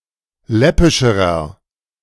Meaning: inflection of läppisch: 1. strong/mixed nominative masculine singular comparative degree 2. strong genitive/dative feminine singular comparative degree 3. strong genitive plural comparative degree
- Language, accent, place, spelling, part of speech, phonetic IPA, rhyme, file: German, Germany, Berlin, läppischerer, adjective, [ˈlɛpɪʃəʁɐ], -ɛpɪʃəʁɐ, De-läppischerer.ogg